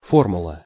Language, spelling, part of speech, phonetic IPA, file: Russian, формула, noun, [ˈformʊɫə], Ru-формула.ogg
- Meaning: formula